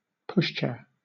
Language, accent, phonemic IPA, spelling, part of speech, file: English, Southern England, /ˈpʊʃ.t͡ʃɛə(ɹ)/, pushchair, noun, LL-Q1860 (eng)-pushchair.wav
- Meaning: A small carriage in which a baby or child sits and is pushed around